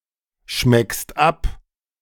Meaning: second-person singular present of abschmecken
- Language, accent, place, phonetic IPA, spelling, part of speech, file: German, Germany, Berlin, [ˌʃmɛkst ˈap], schmeckst ab, verb, De-schmeckst ab.ogg